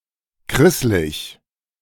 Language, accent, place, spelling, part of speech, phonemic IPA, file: German, Germany, Berlin, krisslig, adjective, /ˈkʁɪslɪç/, De-krisslig.ogg
- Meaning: curled in an unruly manner (of hair)